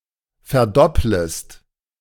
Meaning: second-person singular subjunctive I of verdoppeln
- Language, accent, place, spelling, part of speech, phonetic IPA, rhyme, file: German, Germany, Berlin, verdopplest, verb, [fɛɐ̯ˈdɔpləst], -ɔpləst, De-verdopplest.ogg